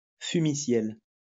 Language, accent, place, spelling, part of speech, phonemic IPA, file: French, France, Lyon, fumiciel, noun, /fy.mi.sjɛl/, LL-Q150 (fra)-fumiciel.wav
- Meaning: vaporware